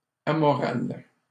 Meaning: amoral
- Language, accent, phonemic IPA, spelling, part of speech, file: French, Canada, /a.mɔ.ʁal/, amoral, adjective, LL-Q150 (fra)-amoral.wav